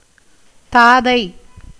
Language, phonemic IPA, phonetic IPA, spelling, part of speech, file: Tamil, /t̪ɑːd̪ɐɪ̯/, [t̪äːd̪ɐɪ̯], தாதை, noun, Ta-தாதை.ogg
- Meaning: 1. father 2. grandfather 3. Brahma, the god of creation